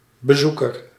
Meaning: visitor
- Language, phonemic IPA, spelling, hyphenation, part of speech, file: Dutch, /bəˈzu.kər/, bezoeker, be‧zoe‧ker, noun, Nl-bezoeker.ogg